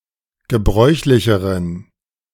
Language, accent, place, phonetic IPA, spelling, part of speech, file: German, Germany, Berlin, [ɡəˈbʁɔɪ̯çlɪçəʁən], gebräuchlicheren, adjective, De-gebräuchlicheren.ogg
- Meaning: inflection of gebräuchlich: 1. strong genitive masculine/neuter singular comparative degree 2. weak/mixed genitive/dative all-gender singular comparative degree